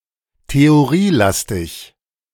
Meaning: very theoretical
- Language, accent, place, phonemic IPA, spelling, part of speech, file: German, Germany, Berlin, /teoˈʁiːˌlastɪç/, theorielastig, adjective, De-theorielastig.ogg